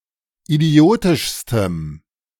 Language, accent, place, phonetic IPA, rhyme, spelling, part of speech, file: German, Germany, Berlin, [iˈdi̯oːtɪʃstəm], -oːtɪʃstəm, idiotischstem, adjective, De-idiotischstem.ogg
- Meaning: strong dative masculine/neuter singular superlative degree of idiotisch